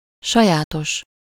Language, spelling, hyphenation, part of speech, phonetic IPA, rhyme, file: Hungarian, sajátos, sa‧já‧tos, adjective, [ˈʃɒjaːtoʃ], -oʃ, Hu-sajátos.ogg
- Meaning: specific